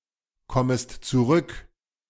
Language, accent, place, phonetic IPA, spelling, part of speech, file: German, Germany, Berlin, [ˌkɔməst t͡suˈʁʏk], kommest zurück, verb, De-kommest zurück.ogg
- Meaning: second-person singular subjunctive I of zurückkommen